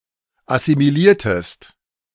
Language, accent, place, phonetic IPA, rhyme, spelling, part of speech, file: German, Germany, Berlin, [asimiˈliːɐ̯təst], -iːɐ̯təst, assimiliertest, verb, De-assimiliertest.ogg
- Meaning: inflection of assimilieren: 1. second-person singular preterite 2. second-person singular subjunctive II